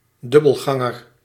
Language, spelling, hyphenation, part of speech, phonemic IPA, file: Dutch, dubbelganger, dub‧bel‧gan‧ger, noun, /ˈdʏ.bəlˌɣɑ.ŋər/, Nl-dubbelganger.ogg
- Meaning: doppelganger